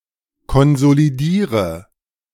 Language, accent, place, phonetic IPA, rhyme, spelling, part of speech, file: German, Germany, Berlin, [kɔnzoliˈdiːʁə], -iːʁə, konsolidiere, verb, De-konsolidiere.ogg
- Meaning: inflection of konsolidieren: 1. first-person singular present 2. singular imperative 3. first/third-person singular subjunctive I